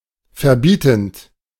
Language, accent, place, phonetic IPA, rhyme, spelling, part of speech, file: German, Germany, Berlin, [fɛɐ̯ˈbiːtn̩t], -iːtn̩t, verbietend, verb, De-verbietend.ogg
- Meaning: present participle of verbieten